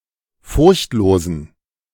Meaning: inflection of furchtlos: 1. strong genitive masculine/neuter singular 2. weak/mixed genitive/dative all-gender singular 3. strong/weak/mixed accusative masculine singular 4. strong dative plural
- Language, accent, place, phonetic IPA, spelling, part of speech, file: German, Germany, Berlin, [ˈfʊʁçtˌloːzn̩], furchtlosen, adjective, De-furchtlosen.ogg